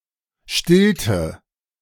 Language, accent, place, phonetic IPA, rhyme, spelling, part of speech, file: German, Germany, Berlin, [ˈʃtɪltə], -ɪltə, stillte, verb, De-stillte.ogg
- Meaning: inflection of stillen: 1. first/third-person singular preterite 2. first/third-person singular subjunctive II